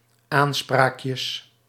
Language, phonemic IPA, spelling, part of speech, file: Dutch, /ˈansprakjəs/, aanspraakjes, noun, Nl-aanspraakjes.ogg
- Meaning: plural of aanspraakje